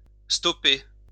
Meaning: 1. to stop, in regard to motors and machines 2. to take (a hit, a bullet) 3. to stop
- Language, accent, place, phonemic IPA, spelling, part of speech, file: French, France, Lyon, /stɔ.pe/, stopper, verb, LL-Q150 (fra)-stopper.wav